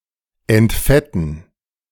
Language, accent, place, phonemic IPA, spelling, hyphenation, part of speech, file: German, Germany, Berlin, /ɛntˈfɛtn̩/, entfetten, ent‧fet‧ten, verb, De-entfetten.ogg
- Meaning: to remove fat, to degrease